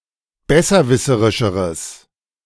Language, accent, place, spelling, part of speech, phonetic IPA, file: German, Germany, Berlin, besserwisserischeres, adjective, [ˈbɛsɐˌvɪsəʁɪʃəʁəs], De-besserwisserischeres.ogg
- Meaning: strong/mixed nominative/accusative neuter singular comparative degree of besserwisserisch